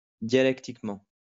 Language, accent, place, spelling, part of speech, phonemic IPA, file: French, France, Lyon, dialectiquement, adverb, /dja.lɛk.tik.mɑ̃/, LL-Q150 (fra)-dialectiquement.wav
- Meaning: dialectically